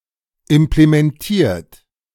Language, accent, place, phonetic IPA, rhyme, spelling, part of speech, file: German, Germany, Berlin, [ɪmplemɛnˈtiːɐ̯t], -iːɐ̯t, implementiert, verb, De-implementiert.ogg
- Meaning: 1. past participle of implementieren 2. inflection of implementieren: third-person singular present 3. inflection of implementieren: second-person plural present